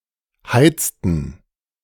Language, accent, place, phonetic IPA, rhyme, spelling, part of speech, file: German, Germany, Berlin, [ˈhaɪ̯t͡stn̩], -aɪ̯t͡stn̩, heizten, verb, De-heizten.ogg
- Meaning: inflection of heizen: 1. first/third-person plural preterite 2. first/third-person plural subjunctive II